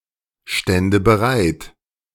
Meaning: first/third-person singular subjunctive II of bereitstehen
- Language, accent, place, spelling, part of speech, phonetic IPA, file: German, Germany, Berlin, stände bereit, verb, [ˌʃtɛndə bəˈʁaɪ̯t], De-stände bereit.ogg